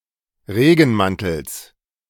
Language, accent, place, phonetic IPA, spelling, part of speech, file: German, Germany, Berlin, [ˈʁeːɡn̩ˌmantl̩s], Regenmantels, noun, De-Regenmantels.ogg
- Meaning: genitive singular of Regenmantel